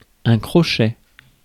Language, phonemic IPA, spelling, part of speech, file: French, /kʁɔ.ʃɛ/, crochet, noun, Fr-crochet.ogg
- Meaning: 1. hook (rod bent into a curved shape) 2. square bracket 3. fang (of snake) 4. crocket 5. crochet 6. hook 7. sidestep 8. detour